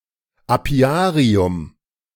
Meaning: apiary
- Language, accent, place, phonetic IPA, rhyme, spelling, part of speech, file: German, Germany, Berlin, [aˈpi̯aːʁiʊm], -aːʁiʊm, Apiarium, noun, De-Apiarium.ogg